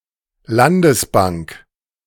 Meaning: regional state bank
- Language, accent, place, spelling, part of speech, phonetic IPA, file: German, Germany, Berlin, Landesbank, noun, [ˈlandəsˌbaŋk], De-Landesbank.ogg